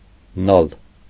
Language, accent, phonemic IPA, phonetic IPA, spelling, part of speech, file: Armenian, Eastern Armenian, /nɑl/, [nɑl], նալ, noun, Hy-նալ.ogg
- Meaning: horseshoe